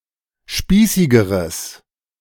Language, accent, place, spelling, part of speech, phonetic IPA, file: German, Germany, Berlin, spießigeres, adjective, [ˈʃpiːsɪɡəʁəs], De-spießigeres.ogg
- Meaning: strong/mixed nominative/accusative neuter singular comparative degree of spießig